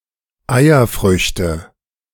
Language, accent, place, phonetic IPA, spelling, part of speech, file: German, Germany, Berlin, [ˈaɪ̯ɐˌfʁʏçtə], Eierfrüchte, noun, De-Eierfrüchte.ogg
- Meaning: nominative/accusative/genitive plural of Eierfrucht